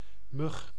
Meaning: 1. a mosquito, a gnat, any fly of the suborder Nematocera except sometimes the larger tropical species (which are commonly called muskiet) 2. a bug, an insignificant individual
- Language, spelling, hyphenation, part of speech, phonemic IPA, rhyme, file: Dutch, mug, mug, noun, /mʏx/, -ʏx, Nl-mug.ogg